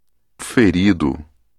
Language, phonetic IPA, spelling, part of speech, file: Portuguese, [fɨˈɾi.ðu], ferido, adjective / noun / verb, Pt-ferido.ogg
- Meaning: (adjective) 1. injured, hurt, sore, wounded 2. stricken (struck by something) 3. offended (having been insulted) 4. emotionally hurt; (noun) injured person; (verb) past participle of ferir